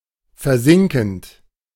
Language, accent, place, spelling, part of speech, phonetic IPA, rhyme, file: German, Germany, Berlin, versinkend, verb, [fɛɐ̯ˈzɪŋkn̩t], -ɪŋkn̩t, De-versinkend.ogg
- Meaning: present participle of versinken